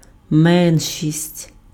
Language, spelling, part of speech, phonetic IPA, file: Ukrainian, меншість, noun, [ˈmɛnʲʃʲisʲtʲ], Uk-меншість.ogg
- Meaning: minority (group constituting less than half of the whole)